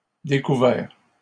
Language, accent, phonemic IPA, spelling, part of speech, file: French, Canada, /de.ku.vɛʁ/, découvert, verb / adjective / noun, LL-Q150 (fra)-découvert.wav
- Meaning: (verb) past participle of découvrir; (adjective) 1. discovered 2. uncovered, unprotected, exposed; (noun) overdraft